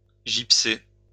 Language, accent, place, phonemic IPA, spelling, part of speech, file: French, France, Lyon, /ʒip.se/, gypser, verb, LL-Q150 (fra)-gypser.wav
- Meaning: to plaster (with gypsum)